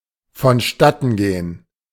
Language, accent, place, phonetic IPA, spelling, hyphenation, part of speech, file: German, Germany, Berlin, [fɔnˈʃtatn̩ˌɡeːən], vonstattengehen, von‧stat‧ten‧ge‧hen, verb, De-vonstattengehen.ogg
- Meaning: 1. to take place 2. to proceed, advance